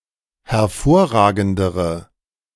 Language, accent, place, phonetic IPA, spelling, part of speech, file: German, Germany, Berlin, [hɛɐ̯ˈfoːɐ̯ˌʁaːɡn̩dəʁə], hervorragendere, adjective, De-hervorragendere.ogg
- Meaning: inflection of hervorragend: 1. strong/mixed nominative/accusative feminine singular comparative degree 2. strong nominative/accusative plural comparative degree